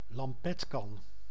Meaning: ewer, jug
- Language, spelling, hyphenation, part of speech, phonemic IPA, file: Dutch, lampetkan, lam‧pet‧kan, noun, /lɑmˈpɛtˌkɑn/, Nl-lampetkan.ogg